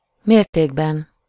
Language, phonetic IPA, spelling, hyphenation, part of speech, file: Hungarian, [ˈmeːrteːɡbɛn], mértékben, mér‧ték‧ben, noun, Hu-mértékben.ogg
- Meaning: inessive singular of mérték